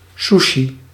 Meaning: sushi
- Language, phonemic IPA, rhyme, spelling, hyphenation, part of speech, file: Dutch, /ˈsu.ʃi/, -uʃi, sushi, su‧shi, noun, Nl-sushi.ogg